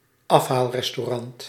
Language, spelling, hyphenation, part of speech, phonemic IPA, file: Dutch, afhaalrestaurant, af‧haal‧res‧tau‧rant, noun, /ˈɑf.ɦaːl.rɛs.toːˌrɑnt/, Nl-afhaalrestaurant.ogg
- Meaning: takeaway (restaurant)